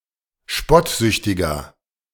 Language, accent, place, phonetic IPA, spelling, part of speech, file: German, Germany, Berlin, [ˈʃpɔtˌzʏçtɪɡɐ], spottsüchtiger, adjective, De-spottsüchtiger.ogg
- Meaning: 1. comparative degree of spottsüchtig 2. inflection of spottsüchtig: strong/mixed nominative masculine singular 3. inflection of spottsüchtig: strong genitive/dative feminine singular